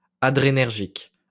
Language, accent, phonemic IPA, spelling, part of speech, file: French, France, /a.dʁe.nɛʁ.ʒik/, adrénergique, adjective, LL-Q150 (fra)-adrénergique.wav
- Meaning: adrenergic